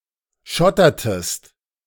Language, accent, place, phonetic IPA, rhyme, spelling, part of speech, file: German, Germany, Berlin, [ˈʃɔtɐtəst], -ɔtɐtəst, schottertest, verb, De-schottertest.ogg
- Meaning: inflection of schottern: 1. second-person singular preterite 2. second-person singular subjunctive II